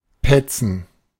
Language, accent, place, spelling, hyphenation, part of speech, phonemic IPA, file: German, Germany, Berlin, petzen, pet‧zen, verb, /ˈpɛt͡sn̩/, De-petzen.ogg
- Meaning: 1. to tattle, snitch 2. alternative form of pfetzen (“to pinch, squeeze”)